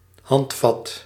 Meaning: handle, grip
- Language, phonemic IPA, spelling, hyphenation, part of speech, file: Dutch, /ˈhɑntfɑt/, handvat, hand‧vat, noun, Nl-handvat.ogg